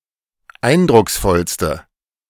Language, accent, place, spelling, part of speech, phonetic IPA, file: German, Germany, Berlin, eindrucksvollste, adjective, [ˈaɪ̯ndʁʊksˌfɔlstə], De-eindrucksvollste.ogg
- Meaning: inflection of eindrucksvoll: 1. strong/mixed nominative/accusative feminine singular superlative degree 2. strong nominative/accusative plural superlative degree